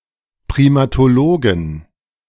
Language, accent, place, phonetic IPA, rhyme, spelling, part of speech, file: German, Germany, Berlin, [pʁimatoˈloːɡn̩], -oːɡn̩, Primatologen, noun, De-Primatologen.ogg
- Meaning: 1. genitive singular of Primatologe 2. plural of Primatologe